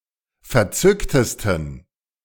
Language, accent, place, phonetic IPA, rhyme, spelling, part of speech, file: German, Germany, Berlin, [fɛɐ̯ˈt͡sʏktəstn̩], -ʏktəstn̩, verzücktesten, adjective, De-verzücktesten.ogg
- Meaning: 1. superlative degree of verzückt 2. inflection of verzückt: strong genitive masculine/neuter singular superlative degree